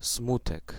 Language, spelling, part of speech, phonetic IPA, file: Polish, smutek, noun, [ˈsmutɛk], Pl-smutek.ogg